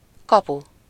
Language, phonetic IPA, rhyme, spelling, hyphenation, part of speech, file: Hungarian, [ˈkɒpu], -pu, kapu, ka‧pu, noun, Hu-kapu.ogg
- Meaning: 1. gate, entrance, (street) door (a doorlike structure outside a house) 2. goal (an area into which the players attempt to put an object)